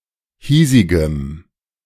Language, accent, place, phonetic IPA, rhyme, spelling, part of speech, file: German, Germany, Berlin, [ˈhiːzɪɡəm], -iːzɪɡəm, hiesigem, adjective, De-hiesigem.ogg
- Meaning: strong dative masculine/neuter singular of hiesig